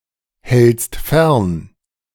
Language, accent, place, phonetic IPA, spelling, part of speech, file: German, Germany, Berlin, [ˌhɛlt͡st ˈfɛʁn], hältst fern, verb, De-hältst fern.ogg
- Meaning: second-person singular present of fernhalten